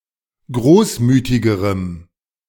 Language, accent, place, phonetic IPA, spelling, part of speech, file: German, Germany, Berlin, [ˈɡʁoːsˌmyːtɪɡəʁəm], großmütigerem, adjective, De-großmütigerem.ogg
- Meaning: strong dative masculine/neuter singular comparative degree of großmütig